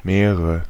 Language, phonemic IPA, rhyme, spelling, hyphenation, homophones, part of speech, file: German, /ˈmeːʁə/, -eːʁə, Meere, Mee‧re, mehre, noun, De-Meere.ogg
- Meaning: nominative/accusative/genitive plural of Meer (“sea”)